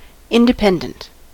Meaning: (adjective) 1. Not dependent; not contingent or depending on something else; free 2. Not affiliated with any political party 3. Providing a comfortable livelihood
- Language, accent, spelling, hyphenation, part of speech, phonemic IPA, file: English, US, independent, in‧de‧pend‧ent, adjective / noun, /ˌɪn.dɪˈpɛn.dənt/, En-us-independent.ogg